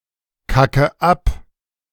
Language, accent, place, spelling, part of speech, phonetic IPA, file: German, Germany, Berlin, kacke ab, verb, [ˌkakə ˈap], De-kacke ab.ogg
- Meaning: inflection of abkacken: 1. first-person singular present 2. first/third-person singular subjunctive I 3. singular imperative